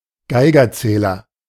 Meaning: Geiger counter
- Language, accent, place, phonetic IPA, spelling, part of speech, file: German, Germany, Berlin, [ˈɡaɪ̯ɡɐˌt͡sɛːlɐ], Geigerzähler, noun, De-Geigerzähler.ogg